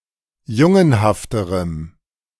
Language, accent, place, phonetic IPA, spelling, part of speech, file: German, Germany, Berlin, [ˈjʊŋənhaftəʁəm], jungenhafterem, adjective, De-jungenhafterem.ogg
- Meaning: strong dative masculine/neuter singular comparative degree of jungenhaft